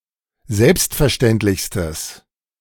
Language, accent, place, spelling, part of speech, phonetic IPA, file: German, Germany, Berlin, selbstverständlichstes, adjective, [ˈzɛlpstfɛɐ̯ˌʃtɛntlɪçstəs], De-selbstverständlichstes.ogg
- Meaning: strong/mixed nominative/accusative neuter singular superlative degree of selbstverständlich